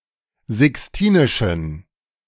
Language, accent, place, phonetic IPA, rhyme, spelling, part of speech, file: German, Germany, Berlin, [zɪksˈtiːnɪʃn̩], -iːnɪʃn̩, sixtinischen, adjective, De-sixtinischen.ogg
- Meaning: inflection of sixtinisch: 1. strong genitive masculine/neuter singular 2. weak/mixed genitive/dative all-gender singular 3. strong/weak/mixed accusative masculine singular 4. strong dative plural